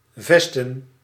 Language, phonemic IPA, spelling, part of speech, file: Dutch, /ˈvɛstə(n)/, vesten, verb / noun, Nl-vesten.ogg
- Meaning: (verb) 1. to fix, to fasten, to attach 2. to fortify, to strengthen; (noun) plural of vest